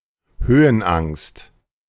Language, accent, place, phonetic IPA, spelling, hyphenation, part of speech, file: German, Germany, Berlin, [ˈhøːənˌʔaŋst], Höhenangst, Hö‧hen‧angst, noun, De-Höhenangst.ogg
- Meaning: acrophobia, fear of heights